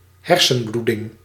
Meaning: bleeding of the brain, brain haemorrhage, intracranial hemorrhage
- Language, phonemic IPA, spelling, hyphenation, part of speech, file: Dutch, /ˈɦɛr.sə(n)ˌblu.dɪŋ/, hersenbloeding, her‧sen‧bloe‧ding, noun, Nl-hersenbloeding.ogg